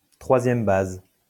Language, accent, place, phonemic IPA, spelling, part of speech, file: French, France, Lyon, /tʁwa.zjɛm baz/, troisième base, noun, LL-Q150 (fra)-troisième base.wav
- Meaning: alternative form of troisième but